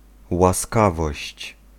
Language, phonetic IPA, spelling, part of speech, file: Polish, [waˈskavɔɕt͡ɕ], łaskawość, noun, Pl-łaskawość.ogg